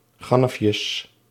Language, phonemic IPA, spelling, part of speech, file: Dutch, /ˈɣɑnəfjəs/, gannefjes, noun, Nl-gannefjes.ogg
- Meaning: plural of gannefje